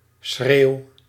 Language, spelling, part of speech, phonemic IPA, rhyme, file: Dutch, schreeuw, noun / verb, /sxreːu̯/, -eːu̯, Nl-schreeuw.ogg
- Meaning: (noun) scream; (verb) inflection of schreeuwen: 1. first-person singular present indicative 2. second-person singular present indicative 3. imperative